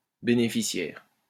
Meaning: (adjective) beneficial; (noun) beneficiary, recipient (of a benefit)
- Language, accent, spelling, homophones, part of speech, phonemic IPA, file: French, France, bénéficiaire, bénéficiaires, adjective / noun, /be.ne.fi.sjɛʁ/, LL-Q150 (fra)-bénéficiaire.wav